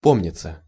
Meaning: 1. to remember, to recollect 2. passive of по́мнить (pómnitʹ)
- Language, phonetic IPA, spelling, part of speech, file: Russian, [ˈpomnʲɪt͡sə], помниться, verb, Ru-помниться.ogg